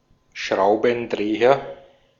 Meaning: screwdriver (tool)
- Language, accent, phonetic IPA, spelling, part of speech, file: German, Austria, [ˈʃʁaʊ̯bn̩ˌdʁeːɐ], Schraubendreher, noun, De-at-Schraubendreher.ogg